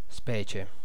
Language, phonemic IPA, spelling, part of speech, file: Italian, /ˈspɛt͡ʃe/, specie, adverb / noun, It-specie.ogg